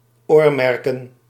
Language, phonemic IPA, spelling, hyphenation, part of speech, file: Dutch, /ˈoːrˌmɛr.kə(n)/, oormerken, oor‧mer‧ken, verb, Nl-oormerken.ogg
- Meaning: 1. to earmark (to tag an animal's ear) 2. to earmark (allocate funding) 3. to typify, to be characteristic of